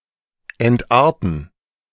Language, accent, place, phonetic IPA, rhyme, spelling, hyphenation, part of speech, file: German, Germany, Berlin, [ɛntˈʔaːɐ̯tn̩], -aːɐ̯tn̩, entarten, ent‧ar‧ten, verb, De-entarten.ogg
- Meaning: degenerate